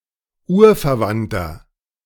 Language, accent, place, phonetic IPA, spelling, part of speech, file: German, Germany, Berlin, [ˈuːɐ̯fɛɐ̯ˌvantɐ], urverwandter, adjective, De-urverwandter.ogg
- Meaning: inflection of urverwandt: 1. strong/mixed nominative masculine singular 2. strong genitive/dative feminine singular 3. strong genitive plural